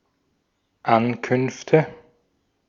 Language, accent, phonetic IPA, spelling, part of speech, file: German, Austria, [ˈankʏnftə], Ankünfte, noun, De-at-Ankünfte.ogg
- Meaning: nominative/accusative/genitive plural of Ankunft